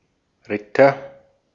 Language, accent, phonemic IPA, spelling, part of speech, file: German, Austria, /ˈʁɪtɐ/, Ritter, noun / proper noun, De-at-Ritter.ogg
- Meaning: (noun) knight; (proper noun) a surname originating as an occupation